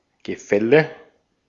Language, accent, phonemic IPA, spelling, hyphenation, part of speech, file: German, Austria, /ɡəˈfɛlə/, Gefälle, Ge‧fäl‧le, noun, De-at-Gefälle.ogg
- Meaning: 1. downwards slope, precipice 2. gradient; gap 3. levy by public authority 4. a happening of things falling 5. legal consequences of inheritance